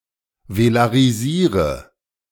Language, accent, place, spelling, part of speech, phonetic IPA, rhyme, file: German, Germany, Berlin, velarisiere, verb, [velaʁiˈziːʁə], -iːʁə, De-velarisiere.ogg
- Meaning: inflection of velarisieren: 1. first-person singular present 2. first/third-person singular subjunctive I 3. singular imperative